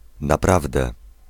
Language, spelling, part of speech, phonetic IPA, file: Polish, naprawdę, particle, [naˈpravdɛ], Pl-naprawdę.ogg